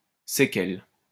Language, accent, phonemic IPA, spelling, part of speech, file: French, France, /se.kɛl/, séquelle, noun, LL-Q150 (fra)-séquelle.wav
- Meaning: 1. suite, retinue, following (group of followers) 2. sequela 3. after-effect, consequence, legacy